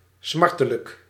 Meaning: 1. painful, grievous, hurtful, causing pain 2. doleful, sorrowful, experiencing hurt or grief 3. intensely longing
- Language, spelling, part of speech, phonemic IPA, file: Dutch, smartelijk, adjective, /ˈsmɑrtələk/, Nl-smartelijk.ogg